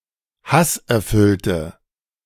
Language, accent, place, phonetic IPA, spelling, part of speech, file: German, Germany, Berlin, [ˈhasʔɛɐ̯ˌfʏltə], hasserfüllte, adjective, De-hasserfüllte.ogg
- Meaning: inflection of hasserfüllt: 1. strong/mixed nominative/accusative feminine singular 2. strong nominative/accusative plural 3. weak nominative all-gender singular